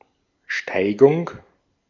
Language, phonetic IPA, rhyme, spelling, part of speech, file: German, [ˈʃtaɪ̯ɡʊŋ], -aɪ̯ɡʊŋ, Steigung, noun, De-at-Steigung.ogg
- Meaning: 1. slope (area of ground that tends evenly upward or downward) 2. slope